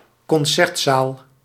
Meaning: concert hall
- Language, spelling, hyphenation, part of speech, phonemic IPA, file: Dutch, concertzaal, con‧cert‧zaal, noun, /kɔnˈsɛrtˌsaːl/, Nl-concertzaal.ogg